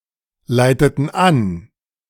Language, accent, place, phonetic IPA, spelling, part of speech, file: German, Germany, Berlin, [ˌlaɪ̯tətn̩ ˈan], leiteten an, verb, De-leiteten an.ogg
- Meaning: inflection of anleiten: 1. first/third-person plural preterite 2. first/third-person plural subjunctive II